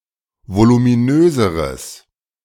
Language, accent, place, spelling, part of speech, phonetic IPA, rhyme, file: German, Germany, Berlin, voluminöseres, adjective, [volumiˈnøːzəʁəs], -øːzəʁəs, De-voluminöseres.ogg
- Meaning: strong/mixed nominative/accusative neuter singular comparative degree of voluminös